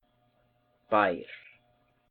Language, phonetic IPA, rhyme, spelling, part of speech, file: Icelandic, [ˈpaiːr], -aiːr, bær, noun, Is-Bær.ogg
- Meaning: 1. farm 2. town 3. capable, competent